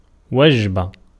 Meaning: 1. meal, repast 2. menu
- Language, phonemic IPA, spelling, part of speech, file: Arabic, /wad͡ʒ.ba/, وجبة, noun, Ar-وجبة.ogg